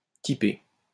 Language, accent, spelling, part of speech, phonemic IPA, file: French, France, typé, verb / adjective, /ti.pe/, LL-Q150 (fra)-typé.wav
- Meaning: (verb) past participle of typer; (adjective) stereotypical